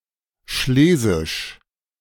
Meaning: Silesian
- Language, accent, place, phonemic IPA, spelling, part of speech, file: German, Germany, Berlin, /ˈʃleːzɪʃ/, schlesisch, adjective, De-schlesisch.ogg